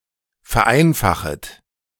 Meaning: second-person plural subjunctive I of vereinfachen
- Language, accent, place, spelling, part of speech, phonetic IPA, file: German, Germany, Berlin, vereinfachet, verb, [fɛɐ̯ˈʔaɪ̯nfaxət], De-vereinfachet.ogg